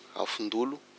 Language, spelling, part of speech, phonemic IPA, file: Malagasy, afondolo, noun, /afuⁿdulʷ/, Mg-afondolo.ogg
- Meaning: will o' the wisp